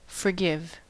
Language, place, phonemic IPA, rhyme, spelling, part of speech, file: English, California, /fɚˈɡɪv/, -ɪv, forgive, verb, En-us-forgive.ogg
- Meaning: 1. To pardon (someone); to waive any negative feeling towards or desire for punishment or retribution against 2. To pardon (something); to waive any negative feeling over or retribution for